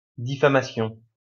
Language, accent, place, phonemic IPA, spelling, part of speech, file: French, France, Lyon, /di.fa.ma.sjɔ̃/, diffamation, noun, LL-Q150 (fra)-diffamation.wav
- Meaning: defamation